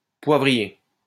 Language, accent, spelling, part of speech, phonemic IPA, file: French, France, poivrier, noun, /pwa.vʁi.je/, LL-Q150 (fra)-poivrier.wav
- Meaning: pepper (plant)